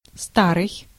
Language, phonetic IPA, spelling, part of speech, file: Russian, [ˈstarɨj], старый, adjective, Ru-старый.ogg
- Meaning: 1. old 2. ancient, antique 3. olden